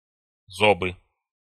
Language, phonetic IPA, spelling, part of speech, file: Russian, [zɐˈbɨ], зобы, noun, Ru-зобы.ogg
- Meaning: nominative/accusative plural of зоб (zob)